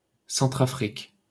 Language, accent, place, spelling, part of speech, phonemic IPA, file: French, France, Paris, Centrafrique, proper noun, /sɑ̃.tʁa.fʁik/, LL-Q150 (fra)-Centrafrique.wav
- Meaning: Central African Republic (a country in Central Africa)